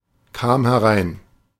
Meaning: first/third-person singular preterite of hereinkommen
- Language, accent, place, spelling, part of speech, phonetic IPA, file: German, Germany, Berlin, kam herein, verb, [ˌkaːm hɛˈʁaɪ̯n], De-kam herein.ogg